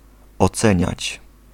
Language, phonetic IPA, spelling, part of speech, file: Polish, [ɔˈt͡sɛ̃ɲät͡ɕ], oceniać, verb, Pl-oceniać.ogg